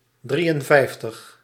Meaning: fifty-three
- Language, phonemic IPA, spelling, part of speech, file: Dutch, /ˈdri(j)ənˌvɛi̯ftəx/, drieënvijftig, numeral, Nl-drieënvijftig.ogg